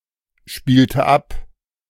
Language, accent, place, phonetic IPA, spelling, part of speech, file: German, Germany, Berlin, [ˌʃpiːltə ˈap], spielte ab, verb, De-spielte ab.ogg
- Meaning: inflection of abspielen: 1. first/third-person singular preterite 2. first/third-person singular subjunctive II